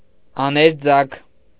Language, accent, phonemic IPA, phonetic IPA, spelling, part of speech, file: Armenian, Eastern Armenian, /ɑneɾˈd͡zɑkʰ/, [ɑneɾd͡zɑ́kʰ], աներձագ, noun, Hy-աներձագ.ogg
- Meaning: brother-in-law (wife’s brother)